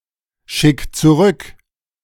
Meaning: 1. singular imperative of zurückschicken 2. first-person singular present of zurückschicken
- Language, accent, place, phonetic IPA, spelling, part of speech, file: German, Germany, Berlin, [ˌʃɪk t͡suˈʁʏk], schick zurück, verb, De-schick zurück.ogg